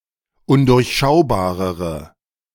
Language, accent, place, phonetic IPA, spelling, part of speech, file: German, Germany, Berlin, [ˈʊndʊʁçˌʃaʊ̯baːʁəʁə], undurchschaubarere, adjective, De-undurchschaubarere.ogg
- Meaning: inflection of undurchschaubar: 1. strong/mixed nominative/accusative feminine singular comparative degree 2. strong nominative/accusative plural comparative degree